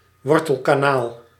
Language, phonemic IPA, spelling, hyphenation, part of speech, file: Dutch, /ˈʋɔr.təl.kaːˌnaːl/, wortelkanaal, wor‧tel‧ka‧naal, noun, Nl-wortelkanaal.ogg
- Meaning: root canal